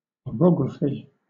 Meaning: 1. The scientific study, or a physical description of mountains 2. The orographic features of a region
- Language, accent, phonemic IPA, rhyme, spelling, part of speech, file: English, Southern England, /ɒˈɹɒɡɹəfi/, -ɒɡɹəfi, orography, noun, LL-Q1860 (eng)-orography.wav